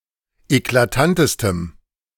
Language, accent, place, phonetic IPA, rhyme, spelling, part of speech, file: German, Germany, Berlin, [eklaˈtantəstəm], -antəstəm, eklatantestem, adjective, De-eklatantestem.ogg
- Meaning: strong dative masculine/neuter singular superlative degree of eklatant